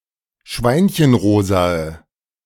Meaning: inflection of schweinchenrosa: 1. strong/mixed nominative/accusative feminine singular 2. strong nominative/accusative plural 3. weak nominative all-gender singular
- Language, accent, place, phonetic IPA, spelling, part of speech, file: German, Germany, Berlin, [ˈʃvaɪ̯nçənˌʁoːzaə], schweinchenrosae, adjective, De-schweinchenrosae.ogg